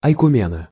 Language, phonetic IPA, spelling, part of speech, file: Russian, [ɐjkʊˈmʲenə], ойкумена, noun, Ru-ойкумена.ogg
- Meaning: the ecumene, the inhabited world, particularly from the point of view of the Ancient Greeks